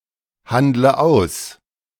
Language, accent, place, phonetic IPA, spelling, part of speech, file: German, Germany, Berlin, [ˌhandlə ˈaʊ̯s], handle aus, verb, De-handle aus.ogg
- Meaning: inflection of aushandeln: 1. first-person singular present 2. first/third-person singular subjunctive I 3. singular imperative